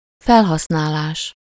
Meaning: usage, utilization
- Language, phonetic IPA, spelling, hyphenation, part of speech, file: Hungarian, [ˈfɛlɦɒsnaːlaːʃ], felhasználás, fel‧hasz‧ná‧lás, noun, Hu-felhasználás.ogg